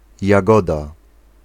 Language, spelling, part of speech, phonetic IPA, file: Polish, jagoda, noun, [jaˈɡɔda], Pl-jagoda.ogg